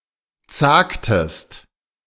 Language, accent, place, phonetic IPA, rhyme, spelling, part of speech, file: German, Germany, Berlin, [ˈt͡saːktəst], -aːktəst, zagtest, verb, De-zagtest.ogg
- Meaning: inflection of zagen: 1. second-person singular preterite 2. second-person singular subjunctive II